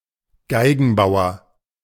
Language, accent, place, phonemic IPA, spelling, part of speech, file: German, Germany, Berlin, /ˈɡaɪ̯ɡn̩ˌbaʊ̯ɐ/, Geigenbauer, noun, De-Geigenbauer.ogg
- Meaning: violin maker